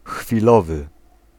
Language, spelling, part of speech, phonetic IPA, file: Polish, chwilowy, adjective, [xfʲiˈlɔvɨ], Pl-chwilowy.ogg